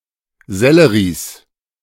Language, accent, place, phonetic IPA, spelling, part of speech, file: German, Germany, Berlin, [ˈzɛləʁiːs], Selleries, noun, De-Selleries.ogg
- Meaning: plural of Sellerie